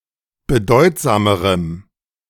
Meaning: strong dative masculine/neuter singular comparative degree of bedeutsam
- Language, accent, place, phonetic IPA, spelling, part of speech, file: German, Germany, Berlin, [bəˈdɔɪ̯tzaːməʁəm], bedeutsamerem, adjective, De-bedeutsamerem.ogg